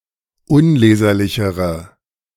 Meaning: inflection of unleserlich: 1. strong/mixed nominative/accusative feminine singular comparative degree 2. strong nominative/accusative plural comparative degree
- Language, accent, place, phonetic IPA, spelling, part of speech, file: German, Germany, Berlin, [ˈʊnˌleːzɐlɪçəʁə], unleserlichere, adjective, De-unleserlichere.ogg